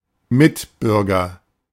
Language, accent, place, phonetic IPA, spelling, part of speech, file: German, Germany, Berlin, [ˈmɪtˌbʏʁɡɐ], Mitbürger, noun, De-Mitbürger.ogg
- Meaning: fellow citizen